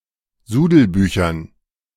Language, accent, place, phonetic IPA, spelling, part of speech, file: German, Germany, Berlin, [ˈzuːdl̩ˌbyːçɐn], Sudelbüchern, noun, De-Sudelbüchern.ogg
- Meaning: dative plural of Sudelbuch